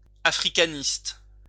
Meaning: Africanist
- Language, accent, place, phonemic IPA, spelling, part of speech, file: French, France, Lyon, /a.fʁi.ka.nist/, africaniste, noun, LL-Q150 (fra)-africaniste.wav